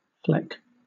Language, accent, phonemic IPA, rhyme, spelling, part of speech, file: English, Southern England, /flɛk/, -ɛk, fleck, noun / verb, LL-Q1860 (eng)-fleck.wav
- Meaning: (noun) 1. A flake 2. A lock, as of wool 3. A small spot or streak; a speckle 4. A small amount; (verb) To mark (something) with small spots